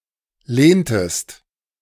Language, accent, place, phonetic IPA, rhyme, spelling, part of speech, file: German, Germany, Berlin, [ˈleːntəst], -eːntəst, lehntest, verb, De-lehntest.ogg
- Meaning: inflection of lehnen: 1. second-person singular preterite 2. second-person singular subjunctive II